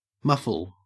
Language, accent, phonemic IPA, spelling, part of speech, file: English, Australia, /mʌfl̩/, muffle, noun / verb, En-au-muffle.ogg
- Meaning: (noun) 1. Anything that mutes or deadens sound 2. A warm piece of clothing for the hands 3. A boxing glove 4. A kiln or furnace, often electric, with no direct flames (a muffle furnace)